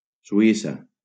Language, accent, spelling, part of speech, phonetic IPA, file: Catalan, Valencia, Suïssa, proper noun, [suˈi.sa], LL-Q7026 (cat)-Suïssa.wav
- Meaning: Switzerland (a country in Western Europe and Central Europe)